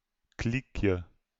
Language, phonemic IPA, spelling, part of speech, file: Dutch, /ˈklikjə/, kliekje, noun, Nl-kliekje.ogg
- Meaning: diminutive of kliek